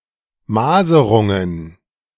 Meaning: plural of Maserung
- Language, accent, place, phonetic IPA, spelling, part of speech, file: German, Germany, Berlin, [ˈmaːzəʁʊŋən], Maserungen, noun, De-Maserungen.ogg